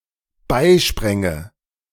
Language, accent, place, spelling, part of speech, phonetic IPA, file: German, Germany, Berlin, beispränge, verb, [ˈbaɪ̯ˌʃpʁɛŋə], De-beispränge.ogg
- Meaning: first/third-person singular dependent subjunctive II of beispringen